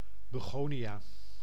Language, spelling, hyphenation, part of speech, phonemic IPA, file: Dutch, begonia, be‧go‧nia, noun, /bəˈɣoː.niˌaː/, Nl-begonia.ogg
- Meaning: begonia (plant of genus Begonia)